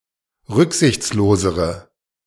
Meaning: inflection of rücksichtslos: 1. strong/mixed nominative/accusative feminine singular comparative degree 2. strong nominative/accusative plural comparative degree
- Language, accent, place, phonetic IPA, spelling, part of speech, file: German, Germany, Berlin, [ˈʁʏkzɪçt͡sloːzəʁə], rücksichtslosere, adjective, De-rücksichtslosere.ogg